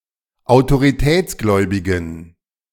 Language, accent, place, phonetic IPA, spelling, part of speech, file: German, Germany, Berlin, [aʊ̯toʁiˈtɛːt͡sˌɡlɔɪ̯bɪɡn̩], autoritätsgläubigen, adjective, De-autoritätsgläubigen.ogg
- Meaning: inflection of autoritätsgläubig: 1. strong genitive masculine/neuter singular 2. weak/mixed genitive/dative all-gender singular 3. strong/weak/mixed accusative masculine singular